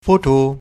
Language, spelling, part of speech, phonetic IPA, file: German, foto-, prefix, [(ˈ)fo(ː)to], De-Foto.ogg
- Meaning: photo-